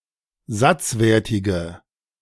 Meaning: inflection of satzwertig: 1. strong/mixed nominative/accusative feminine singular 2. strong nominative/accusative plural 3. weak nominative all-gender singular
- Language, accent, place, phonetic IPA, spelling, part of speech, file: German, Germany, Berlin, [ˈzat͡sˌveːɐ̯tɪɡə], satzwertige, adjective, De-satzwertige.ogg